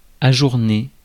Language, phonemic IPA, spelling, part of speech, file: French, /a.ʒuʁ.ne/, ajourner, verb, Fr-ajourner.ogg
- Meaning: postpone, adjourn, put off (an event)